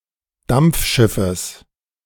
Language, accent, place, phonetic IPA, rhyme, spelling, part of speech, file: German, Germany, Berlin, [ˈdamp͡fˌʃɪfəs], -amp͡fʃɪfəs, Dampfschiffes, noun, De-Dampfschiffes.ogg
- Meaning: genitive singular of Dampfschiff